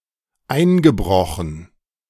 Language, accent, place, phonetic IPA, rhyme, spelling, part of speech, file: German, Germany, Berlin, [ˈaɪ̯nɡəˌbʁɔxn̩], -aɪ̯nɡəbʁɔxn̩, eingebrochen, verb, De-eingebrochen.ogg
- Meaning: past participle of einbrechen